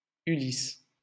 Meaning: 1. Odysseus 2. Ulysses
- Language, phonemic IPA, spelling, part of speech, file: French, /y.lis/, Ulysse, proper noun, LL-Q150 (fra)-Ulysse.wav